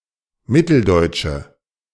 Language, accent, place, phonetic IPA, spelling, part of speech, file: German, Germany, Berlin, [ˈmɪtl̩ˌdɔɪ̯tʃə], mitteldeutsche, adjective, De-mitteldeutsche.ogg
- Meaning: inflection of mitteldeutsch: 1. strong/mixed nominative/accusative feminine singular 2. strong nominative/accusative plural 3. weak nominative all-gender singular